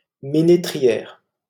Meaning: female equivalent of ménétrier
- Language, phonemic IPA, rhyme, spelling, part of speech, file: French, /me.ne.tʁi.jɛʁ/, -ɛʁ, ménétrière, noun, LL-Q150 (fra)-ménétrière.wav